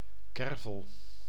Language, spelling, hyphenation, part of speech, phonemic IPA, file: Dutch, kervel, ker‧vel, noun, /ˈkɛr.vəl/, Nl-kervel.ogg
- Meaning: chervil